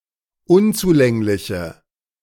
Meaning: inflection of unzulänglich: 1. strong/mixed nominative/accusative feminine singular 2. strong nominative/accusative plural 3. weak nominative all-gender singular
- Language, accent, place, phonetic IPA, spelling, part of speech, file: German, Germany, Berlin, [ˈʊnt͡suˌlɛŋlɪçə], unzulängliche, adjective, De-unzulängliche.ogg